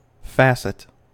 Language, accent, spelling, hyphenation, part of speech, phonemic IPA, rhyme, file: English, US, facet, fac‧et, noun / verb, /ˈfæs.ɪt/, -æsɪt, En-us-facet.ogg
- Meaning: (noun) 1. Any one of the flat surfaces cut into a gem 2. One among many similar or related, yet still distinct things 3. One of a series of things, such as steps in a project